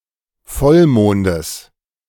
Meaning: genitive singular of Vollmond
- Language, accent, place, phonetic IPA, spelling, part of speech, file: German, Germany, Berlin, [ˈfɔlˌmoːndəs], Vollmondes, noun, De-Vollmondes.ogg